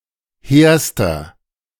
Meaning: inflection of hehr: 1. strong/mixed nominative masculine singular superlative degree 2. strong genitive/dative feminine singular superlative degree 3. strong genitive plural superlative degree
- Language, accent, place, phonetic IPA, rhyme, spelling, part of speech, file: German, Germany, Berlin, [ˈheːɐ̯stɐ], -eːɐ̯stɐ, hehrster, adjective, De-hehrster.ogg